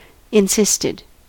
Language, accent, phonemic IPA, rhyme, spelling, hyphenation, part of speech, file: English, US, /ɪnˈsɪstɪd/, -ɪstɪd, insisted, in‧sist‧ed, verb, En-us-insisted.ogg
- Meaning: simple past and past participle of insist